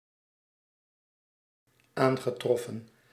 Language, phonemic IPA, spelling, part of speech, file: Dutch, /ˈaŋɣəˌtrɔfə(n)/, aangetroffen, verb, Nl-aangetroffen.ogg
- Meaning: past participle of aantreffen